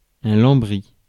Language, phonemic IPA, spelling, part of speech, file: French, /lɑ̃.bʁi/, lambris, noun, Fr-lambris.ogg
- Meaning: panelling, wainscotting